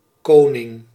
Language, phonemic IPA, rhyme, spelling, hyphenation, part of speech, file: Dutch, /ˈkoː.nɪŋ/, -oːnɪŋ, koning, ko‧ning, noun, Nl-koning.ogg
- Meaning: 1. a king, monarch 2. a king, top-dog 3. a king